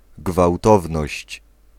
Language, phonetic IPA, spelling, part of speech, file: Polish, [ɡvawˈtɔvnɔɕt͡ɕ], gwałtowność, noun, Pl-gwałtowność.ogg